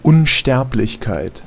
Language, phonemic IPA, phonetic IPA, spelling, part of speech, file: German, /ʊnˈʃtɛʁplɪçkaɪ̯t/, [ʔʊnˈʃtɛɐ̯plɪçkaɪ̯tʰ], Unsterblichkeit, noun, De-Unsterblichkeit.ogg
- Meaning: immortality